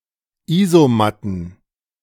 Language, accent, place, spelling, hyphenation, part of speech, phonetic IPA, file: German, Germany, Berlin, Isomatten, Iso‧mat‧ten, noun, [ˈiːzoˌmatn̩], De-Isomatten.ogg
- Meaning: plural of Isomatte